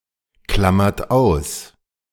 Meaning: inflection of ausklammern: 1. second-person plural present 2. third-person singular present 3. plural imperative
- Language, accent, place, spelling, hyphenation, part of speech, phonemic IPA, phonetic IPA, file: German, Germany, Berlin, klammert aus, klam‧mert aus, verb, /klam.mert ˈaʊ̯s/, [ˌklamɐt ˈaʊ̯s], De-klammert aus.ogg